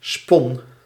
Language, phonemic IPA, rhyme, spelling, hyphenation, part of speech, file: Dutch, /spɔn/, -ɔn, spon, spon, noun / verb, Nl-spon.ogg
- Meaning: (noun) 1. a bung 2. a bunghole; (verb) singular past indicative of spinnen